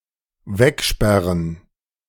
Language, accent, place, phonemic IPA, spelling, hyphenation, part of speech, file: German, Germany, Berlin, /ˈvɛkˌʃpɛʁən/, wegsperren, weg‧sper‧ren, verb, De-wegsperren.ogg
- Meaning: to lock away